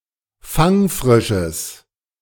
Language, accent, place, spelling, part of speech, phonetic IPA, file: German, Germany, Berlin, fangfrisches, adjective, [ˈfaŋˌfʁɪʃəs], De-fangfrisches.ogg
- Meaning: strong/mixed nominative/accusative neuter singular of fangfrisch